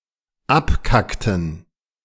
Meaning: inflection of abkacken: 1. first/third-person plural dependent preterite 2. first/third-person plural dependent subjunctive II
- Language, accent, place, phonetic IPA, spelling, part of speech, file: German, Germany, Berlin, [ˈapˌkaktn̩], abkackten, verb, De-abkackten.ogg